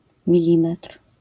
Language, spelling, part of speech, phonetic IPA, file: Polish, milimetr, noun, [mʲiˈlʲĩmɛtr̥], LL-Q809 (pol)-milimetr.wav